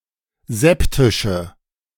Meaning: inflection of septisch: 1. strong/mixed nominative/accusative feminine singular 2. strong nominative/accusative plural 3. weak nominative all-gender singular
- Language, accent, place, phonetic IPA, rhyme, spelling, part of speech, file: German, Germany, Berlin, [ˈzɛptɪʃə], -ɛptɪʃə, septische, adjective, De-septische.ogg